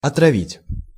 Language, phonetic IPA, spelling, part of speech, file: Russian, [ɐtrɐˈvʲitʲ], отравить, verb, Ru-отравить.ogg
- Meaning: 1. to poison, to envenom 2. to spoil